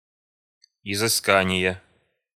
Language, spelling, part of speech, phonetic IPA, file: Russian, изыскание, noun, [ɪzɨˈskanʲɪje], Ru-изыскание.ogg
- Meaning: investigation, research, (mining) prospect